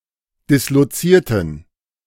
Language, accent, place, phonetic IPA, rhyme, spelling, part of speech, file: German, Germany, Berlin, [ˌdɪsloˈt͡siːɐ̯tn̩], -iːɐ̯tn̩, dislozierten, adjective / verb, De-dislozierten.ogg
- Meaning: inflection of disloziert: 1. strong genitive masculine/neuter singular 2. weak/mixed genitive/dative all-gender singular 3. strong/weak/mixed accusative masculine singular 4. strong dative plural